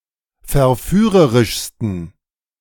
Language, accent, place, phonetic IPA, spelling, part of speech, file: German, Germany, Berlin, [fɛɐ̯ˈfyːʁəʁɪʃstn̩], verführerischsten, adjective, De-verführerischsten.ogg
- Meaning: 1. superlative degree of verführerisch 2. inflection of verführerisch: strong genitive masculine/neuter singular superlative degree